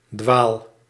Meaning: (noun) oblong piece of linen spread across an altar; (verb) inflection of dwalen: 1. first-person singular present indicative 2. second-person singular present indicative 3. imperative
- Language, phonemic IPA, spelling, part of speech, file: Dutch, /dwal/, dwaal, verb, Nl-dwaal.ogg